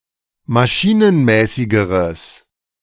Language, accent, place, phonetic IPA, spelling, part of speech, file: German, Germany, Berlin, [maˈʃiːnənˌmɛːsɪɡəʁəs], maschinenmäßigeres, adjective, De-maschinenmäßigeres.ogg
- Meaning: strong/mixed nominative/accusative neuter singular comparative degree of maschinenmäßig